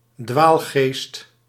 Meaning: heretic, apostate, one with heterodox views
- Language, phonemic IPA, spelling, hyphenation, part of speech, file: Dutch, /ˈdʋaːl.ɣeːst/, dwaalgeest, dwaal‧geest, noun, Nl-dwaalgeest.ogg